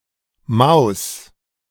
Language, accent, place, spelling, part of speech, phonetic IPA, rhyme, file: German, Germany, Berlin, Mouse, noun, [maʊ̯s], -aʊ̯s, De-Mouse.ogg
- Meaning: mouse